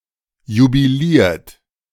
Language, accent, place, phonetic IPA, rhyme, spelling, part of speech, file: German, Germany, Berlin, [jubiˈliːɐ̯t], -iːɐ̯t, jubiliert, verb, De-jubiliert.ogg
- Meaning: 1. past participle of jubilieren 2. inflection of jubilieren: second-person plural present 3. inflection of jubilieren: third-person singular present 4. inflection of jubilieren: plural imperative